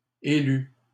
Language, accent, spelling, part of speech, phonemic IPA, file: French, Canada, élut, verb, /e.ly/, LL-Q150 (fra)-élut.wav
- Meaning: third-person singular past historic of élire